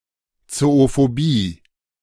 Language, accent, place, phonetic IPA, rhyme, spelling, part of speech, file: German, Germany, Berlin, [t͡soofoˈbiː], -iː, Zoophobie, noun, De-Zoophobie.ogg
- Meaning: zoophobia (unusual fear of animals)